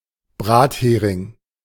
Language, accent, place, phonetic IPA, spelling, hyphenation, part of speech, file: German, Germany, Berlin, [ˈbʁaːtˌheːʁɪŋ], Brathering, Brat‧he‧ring, noun, De-Brathering.ogg
- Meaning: fried herring